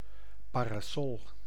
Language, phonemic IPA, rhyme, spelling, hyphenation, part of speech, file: Dutch, /ˌpaː.raːˈsɔl/, -ɔl, parasol, pa‧ra‧sol, noun, Nl-parasol.ogg
- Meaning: parasol